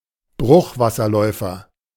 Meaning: wood sandpiper (bird of the species Tringa glareola)
- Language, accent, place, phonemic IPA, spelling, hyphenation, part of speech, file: German, Germany, Berlin, /ˈbʁʊxvasɐˌlɔɪ̯fɐ/, Bruchwasserläufer, Bruch‧was‧ser‧läu‧fer, noun, De-Bruchwasserläufer.ogg